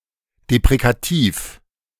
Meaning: deprecative
- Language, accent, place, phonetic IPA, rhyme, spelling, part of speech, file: German, Germany, Berlin, [depʁekaˈtiːf], -iːf, deprekativ, adjective, De-deprekativ.ogg